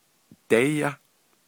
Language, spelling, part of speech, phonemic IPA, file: Navajo, déyá, verb, /tɛ́jɑ́/, Nv-déyá.ogg
- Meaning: first-person singular perfective of dighááh